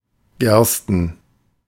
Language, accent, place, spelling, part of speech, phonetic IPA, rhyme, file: German, Germany, Berlin, Gersten, noun, [ˈɡɛʁstn̩], -ɛʁstn̩, De-Gersten.ogg
- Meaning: genitive singular of Gerste